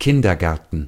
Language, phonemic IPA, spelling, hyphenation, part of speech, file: German, /ˈkɪndɐˌɡɛʁtn̩/, Kindergärten, Kin‧der‧gär‧ten, noun, De-Kindergärten.ogg
- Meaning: plural of Kindergarten